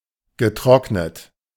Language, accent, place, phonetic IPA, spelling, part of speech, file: German, Germany, Berlin, [ɡəˈtʁɔknət], getrocknet, adjective / verb, De-getrocknet.ogg
- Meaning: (verb) past participle of trocknen; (adjective) dried, desiccated, dehydrated